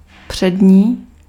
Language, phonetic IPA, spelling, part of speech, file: Czech, [ˈpr̝̊ɛdɲiː], přední, adjective, Cs-přední.ogg
- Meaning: 1. front 2. premier